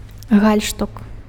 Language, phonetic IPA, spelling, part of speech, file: Belarusian, [ˈɣalʲʂtuk], гальштук, noun, Be-гальштук.ogg
- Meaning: 1. necktie, tie 2. neckcloth 3. neckerchief (scouts, pioneers)